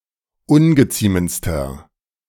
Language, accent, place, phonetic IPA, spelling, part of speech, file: German, Germany, Berlin, [ˈʊnɡəˌt͡siːmənt͡stɐ], ungeziemendster, adjective, De-ungeziemendster.ogg
- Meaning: inflection of ungeziemend: 1. strong/mixed nominative masculine singular superlative degree 2. strong genitive/dative feminine singular superlative degree 3. strong genitive plural superlative degree